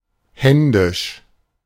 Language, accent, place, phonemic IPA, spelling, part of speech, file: German, Germany, Berlin, /ˈhɛndɪʃ/, händisch, adjective, De-händisch.ogg
- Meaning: manual, done by hand